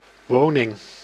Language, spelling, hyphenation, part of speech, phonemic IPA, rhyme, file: Dutch, woning, wo‧ning, noun, /ˈʋoː.nɪŋ/, -oːnɪŋ, Nl-woning.ogg
- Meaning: house, abode, residence, dwelling